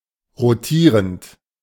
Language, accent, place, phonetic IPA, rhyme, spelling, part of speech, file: German, Germany, Berlin, [ʁoˈtiːʁənt], -iːʁənt, rotierend, verb, De-rotierend.ogg
- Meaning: present participle of rotieren